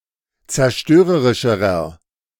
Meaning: inflection of zerstörerisch: 1. strong/mixed nominative masculine singular comparative degree 2. strong genitive/dative feminine singular comparative degree
- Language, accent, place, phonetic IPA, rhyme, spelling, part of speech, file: German, Germany, Berlin, [t͡sɛɐ̯ˈʃtøːʁəʁɪʃəʁɐ], -øːʁəʁɪʃəʁɐ, zerstörerischerer, adjective, De-zerstörerischerer.ogg